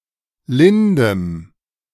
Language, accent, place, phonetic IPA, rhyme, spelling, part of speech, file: German, Germany, Berlin, [ˈlɪndəm], -ɪndəm, lindem, adjective, De-lindem.ogg
- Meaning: strong dative masculine/neuter singular of lind